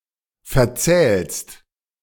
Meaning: second-person singular present of verzählen
- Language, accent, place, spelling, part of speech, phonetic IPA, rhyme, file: German, Germany, Berlin, verzählst, verb, [fɛɐ̯ˈt͡sɛːlst], -ɛːlst, De-verzählst.ogg